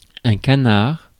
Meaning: 1. duck (of either sex) 2. drake (male duck) 3. canard, hoax 4. newspaper 5. a man who complies with every desire of his partner in order to avoid conflict
- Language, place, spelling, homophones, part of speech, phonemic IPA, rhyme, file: French, Paris, canard, canards, noun, /ka.naʁ/, -aʁ, Fr-canard.ogg